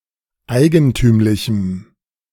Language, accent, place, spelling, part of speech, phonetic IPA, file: German, Germany, Berlin, eigentümlichem, adjective, [ˈaɪ̯ɡənˌtyːmlɪçm̩], De-eigentümlichem.ogg
- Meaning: strong dative masculine/neuter singular of eigentümlich